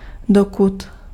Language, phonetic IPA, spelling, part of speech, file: Czech, [ˈdokut], dokud, conjunction, Cs-dokud.ogg
- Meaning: while; until not